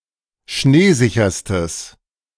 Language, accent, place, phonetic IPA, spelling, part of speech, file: German, Germany, Berlin, [ˈʃneːˌzɪçɐstəs], schneesicherstes, adjective, De-schneesicherstes.ogg
- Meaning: strong/mixed nominative/accusative neuter singular superlative degree of schneesicher